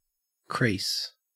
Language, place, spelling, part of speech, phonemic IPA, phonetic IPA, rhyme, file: English, Queensland, crease, noun / verb, /kɹiːs/, [kɹɪis], -iːs, En-au-crease.ogg
- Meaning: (noun) A line or mark made by folding or doubling any pliable substance; hence, a similar mark, however produced